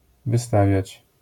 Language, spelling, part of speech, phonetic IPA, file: Polish, wystawiać, verb, [vɨˈstavʲjät͡ɕ], LL-Q809 (pol)-wystawiać.wav